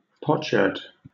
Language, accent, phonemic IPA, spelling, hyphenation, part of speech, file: English, Southern England, /ˈpɒt.ʃɜːd/, potsherd, pot‧sherd, noun, LL-Q1860 (eng)-potsherd.wav
- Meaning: A piece of ceramic from pottery, often found on an archaeological site